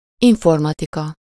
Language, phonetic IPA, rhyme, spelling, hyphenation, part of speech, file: Hungarian, [ˈiɱformɒtikɒ], -kɒ, informatika, in‧for‧ma‧ti‧ka, noun, Hu-informatika.ogg
- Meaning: 1. informatics 2. information technology 3. computer science